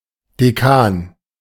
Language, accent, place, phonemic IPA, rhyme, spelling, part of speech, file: German, Germany, Berlin, /deˈkaːn/, -aːn, Dekan, noun, De-Dekan.ogg
- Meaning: 1. dean (senior official at a university; male or unspecified gender) 2. alternative form of Dechant (“dean”, church official) 3. decane (alternative spelling of) Decan n